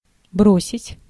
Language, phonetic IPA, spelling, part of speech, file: Russian, [ˈbrosʲɪtʲ], бросить, verb, Ru-бросить.ogg
- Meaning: 1. to throw 2. to send urgently 3. to abandon, to forsake 4. to give up, to quit, to leave off 5. to jilt